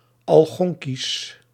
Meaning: Algonquian
- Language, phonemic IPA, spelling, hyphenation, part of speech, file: Dutch, /ɑl.ɣɔŋ.kis/, Algonkisch, Al‧gon‧kisch, adjective, Nl-Algonkisch.ogg